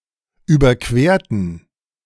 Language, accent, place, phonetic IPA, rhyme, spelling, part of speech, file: German, Germany, Berlin, [ˌyːbɐˈkveːɐ̯tn̩], -eːɐ̯tn̩, überquerten, adjective / verb, De-überquerten.ogg
- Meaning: inflection of überqueren: 1. first/third-person plural preterite 2. first/third-person plural subjunctive II